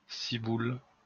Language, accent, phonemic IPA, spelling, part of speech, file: French, France, /si.bul/, ciboule, noun, LL-Q150 (fra)-ciboule.wav
- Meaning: scallion, spring onion (Allium fistulosum)